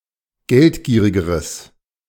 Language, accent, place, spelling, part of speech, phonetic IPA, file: German, Germany, Berlin, geldgierigeres, adjective, [ˈɡɛltˌɡiːʁɪɡəʁəs], De-geldgierigeres.ogg
- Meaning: strong/mixed nominative/accusative neuter singular comparative degree of geldgierig